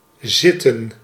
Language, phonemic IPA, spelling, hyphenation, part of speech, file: Dutch, /ˈzɪtə(n)/, zitten, zit‧ten, verb, Nl-zitten.ogg
- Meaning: 1. to sit 2. to be, to be placed or located 3. Forms a continuous aspect. Although it carries an implication of sitting, this is vague and is not strictly required or emphasized